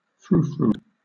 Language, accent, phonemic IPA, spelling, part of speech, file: English, Southern England, /ˈfɹuːfɹuː/, frou-frou, noun / adjective / verb, LL-Q1860 (eng)-frou-frou.wav
- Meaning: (noun) A rustling sound, particularly the rustling of a large silk dress; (adjective) Liable to create the sound of rustling cloth, similar to 19th-century dresses